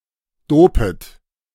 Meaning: second-person plural subjunctive I of dopen
- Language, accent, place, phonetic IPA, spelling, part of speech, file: German, Germany, Berlin, [ˈdoːpət], dopet, verb, De-dopet.ogg